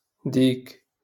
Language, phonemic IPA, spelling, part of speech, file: Moroccan Arabic, /diːk/, ديك, determiner, LL-Q56426 (ary)-ديك.wav
- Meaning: feminine singular of داك (dāk)